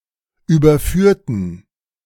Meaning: inflection of überführt: 1. strong genitive masculine/neuter singular 2. weak/mixed genitive/dative all-gender singular 3. strong/weak/mixed accusative masculine singular 4. strong dative plural
- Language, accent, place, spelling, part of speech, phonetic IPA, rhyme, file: German, Germany, Berlin, überführten, adjective / verb, [ˌyːbɐˈfyːɐ̯tn̩], -yːɐ̯tn̩, De-überführten.ogg